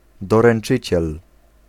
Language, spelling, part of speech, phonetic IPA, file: Polish, doręczyciel, noun, [ˌdɔrɛ̃n͇ˈt͡ʃɨt͡ɕɛl], Pl-doręczyciel.ogg